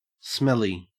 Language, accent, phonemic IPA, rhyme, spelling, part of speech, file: English, Australia, /ˈsmɛli/, -ɛli, smelly, adjective / noun, En-au-smelly.ogg
- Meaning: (adjective) 1. Having a bad smell 2. Having a quality that arouses suspicion 3. Having signs that suggest a design problem; having a code smell; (noun) A smelly person